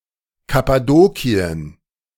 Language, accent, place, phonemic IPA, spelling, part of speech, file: German, Germany, Berlin, /kapaˈdoːkiən/, Kappadokien, proper noun, De-Kappadokien.ogg
- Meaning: 1. Cappadocia (a historical region and ancient kingdom in central Asia Minor, in present-day Turkey) 2. Cappadocia (a former province of the Roman Empire, existing from 18 AD until the 7th century)